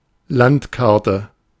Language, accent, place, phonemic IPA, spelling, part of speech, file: German, Germany, Berlin, /ˈlantˌkaʁtə/, Landkarte, noun, De-Landkarte.ogg
- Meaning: map